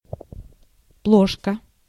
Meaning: 1. bowl 2. oil lamp
- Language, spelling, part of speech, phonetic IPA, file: Russian, плошка, noun, [ˈpɫoʂkə], Ru-плошка.ogg